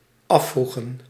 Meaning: inflection of afvragen: 1. plural dependent-clause past indicative 2. plural dependent-clause past subjunctive
- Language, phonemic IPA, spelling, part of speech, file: Dutch, /ˈɑfruɣə(n)/, afvroegen, verb, Nl-afvroegen.ogg